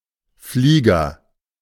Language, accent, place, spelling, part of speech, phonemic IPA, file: German, Germany, Berlin, Flieger, noun, /ˈfliːɡɐ/, De-Flieger.ogg
- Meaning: 1. aviator 2. aeroplane, airplane